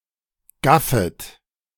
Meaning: second-person plural subjunctive I of gaffen
- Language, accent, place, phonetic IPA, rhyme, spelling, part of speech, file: German, Germany, Berlin, [ˈɡafət], -afət, gaffet, verb, De-gaffet.ogg